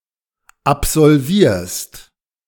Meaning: second-person singular present of absolvieren
- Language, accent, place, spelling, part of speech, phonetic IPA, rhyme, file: German, Germany, Berlin, absolvierst, verb, [apzɔlˈviːɐ̯st], -iːɐ̯st, De-absolvierst.ogg